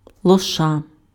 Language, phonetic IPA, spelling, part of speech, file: Ukrainian, [ɫɔˈʃa], лоша, noun, Uk-лоша.ogg
- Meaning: foal, colt